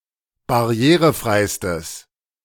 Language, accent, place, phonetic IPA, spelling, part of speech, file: German, Germany, Berlin, [baˈʁi̯eːʁəˌfʁaɪ̯stəs], barrierefreistes, adjective, De-barrierefreistes.ogg
- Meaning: strong/mixed nominative/accusative neuter singular superlative degree of barrierefrei